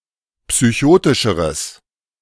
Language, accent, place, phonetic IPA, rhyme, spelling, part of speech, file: German, Germany, Berlin, [psyˈçoːtɪʃəʁəs], -oːtɪʃəʁəs, psychotischeres, adjective, De-psychotischeres.ogg
- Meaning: strong/mixed nominative/accusative neuter singular comparative degree of psychotisch